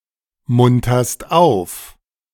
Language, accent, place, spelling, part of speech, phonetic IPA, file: German, Germany, Berlin, munterst auf, verb, [ˌmʊntɐst ˈaʊ̯f], De-munterst auf.ogg
- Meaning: second-person singular present of aufmuntern